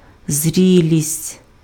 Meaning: 1. ripeness 2. maturity
- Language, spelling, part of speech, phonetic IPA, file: Ukrainian, зрілість, noun, [ˈzʲrʲilʲisʲtʲ], Uk-зрілість.ogg